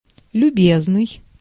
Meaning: 1. amiable, affable, courteous (mild, benign) 2. obliging (ready to help) 3. my good man, sir (form of address)
- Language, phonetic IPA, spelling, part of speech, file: Russian, [lʲʉˈbʲeznɨj], любезный, adjective, Ru-любезный.ogg